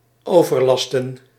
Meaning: 1. to overburden, to burden excessively 2. to bother, to annoy
- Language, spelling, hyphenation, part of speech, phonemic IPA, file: Dutch, overlasten, over‧lasten, verb, /ˌoː.vərˈlɑstə(n)/, Nl-overlasten.ogg